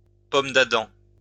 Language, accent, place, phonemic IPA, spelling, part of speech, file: French, France, Lyon, /pɔm d‿a.dɑ̃/, pomme d'Adam, noun, LL-Q150 (fra)-pomme d'Adam.wav
- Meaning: Adam's apple